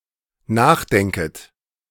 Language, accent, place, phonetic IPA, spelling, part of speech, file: German, Germany, Berlin, [ˈnaːxˌdɛŋkət], nachdenket, verb, De-nachdenket.ogg
- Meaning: second-person plural dependent subjunctive I of nachdenken